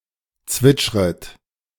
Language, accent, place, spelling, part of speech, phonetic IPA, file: German, Germany, Berlin, zwitschret, verb, [ˈt͡svɪt͡ʃʁət], De-zwitschret.ogg
- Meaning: second-person plural subjunctive I of zwitschern